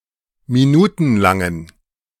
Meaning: inflection of minutenlang: 1. strong genitive masculine/neuter singular 2. weak/mixed genitive/dative all-gender singular 3. strong/weak/mixed accusative masculine singular 4. strong dative plural
- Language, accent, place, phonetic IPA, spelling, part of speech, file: German, Germany, Berlin, [miˈnuːtn̩ˌlaŋən], minutenlangen, adjective, De-minutenlangen.ogg